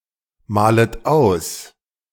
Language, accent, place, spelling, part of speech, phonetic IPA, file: German, Germany, Berlin, malet aus, verb, [ˌmaːlət ˈaʊ̯s], De-malet aus.ogg
- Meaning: second-person plural subjunctive I of ausmalen